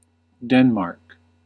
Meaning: 1. A country in Northern Europe. Capital and largest city: Copenhagen 2. A sovereign nation consisting of Denmark, the Faroe Islands and Greenland
- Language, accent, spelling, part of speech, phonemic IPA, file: English, US, Denmark, proper noun, /ˈdɛn.mɑɹk/, En-us-Denmark.ogg